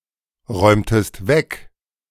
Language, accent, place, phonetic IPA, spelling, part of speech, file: German, Germany, Berlin, [ˌʁɔɪ̯mtəst ˈvɛk], räumtest weg, verb, De-räumtest weg.ogg
- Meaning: inflection of wegräumen: 1. second-person singular preterite 2. second-person singular subjunctive II